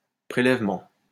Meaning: 1. sampling 2. deduction, levying
- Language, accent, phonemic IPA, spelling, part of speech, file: French, France, /pʁe.lɛv.mɑ̃/, prélèvement, noun, LL-Q150 (fra)-prélèvement.wav